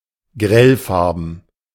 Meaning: lurid (in colour)
- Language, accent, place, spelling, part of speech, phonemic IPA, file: German, Germany, Berlin, grellfarben, adjective, /ˈɡʁɛlˌfaʁbn̩/, De-grellfarben.ogg